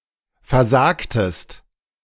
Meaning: inflection of versagen: 1. second-person singular preterite 2. second-person singular subjunctive II
- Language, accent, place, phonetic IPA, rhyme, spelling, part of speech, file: German, Germany, Berlin, [fɛɐ̯ˈzaːktəst], -aːktəst, versagtest, verb, De-versagtest.ogg